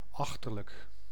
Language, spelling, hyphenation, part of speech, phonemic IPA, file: Dutch, achterlijk, ach‧ter‧lijk, adjective, /ˈɑx.tər.lək/, Nl-achterlijk.ogg
- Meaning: 1. backwards, idiotic, stupid, moronic 2. distant, far off